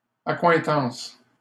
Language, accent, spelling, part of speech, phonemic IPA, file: French, Canada, accointance, noun, /a.kwɛ̃.tɑ̃s/, LL-Q150 (fra)-accointance.wav
- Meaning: 1. companionship, relationship 2. amorous relations